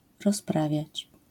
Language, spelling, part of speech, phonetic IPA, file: Polish, rozprawiać, verb, [rɔsˈpravʲjät͡ɕ], LL-Q809 (pol)-rozprawiać.wav